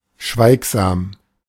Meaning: silent (not speaking; indisposed to talk; speechless; mute; taciturn)
- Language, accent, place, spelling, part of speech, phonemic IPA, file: German, Germany, Berlin, schweigsam, adjective, /ˈʃvaɪ̯kzaːm/, De-schweigsam.ogg